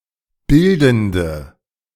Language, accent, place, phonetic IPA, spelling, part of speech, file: German, Germany, Berlin, [ˈbɪldn̩də], bildende, adjective, De-bildende.ogg
- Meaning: inflection of bildend: 1. strong/mixed nominative/accusative feminine singular 2. strong nominative/accusative plural 3. weak nominative all-gender singular 4. weak accusative feminine/neuter singular